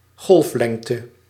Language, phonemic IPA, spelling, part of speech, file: Dutch, /ˈɣɔlᵊfˌlɛŋtə/, golflengte, noun, Nl-golflengte.ogg
- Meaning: wavelength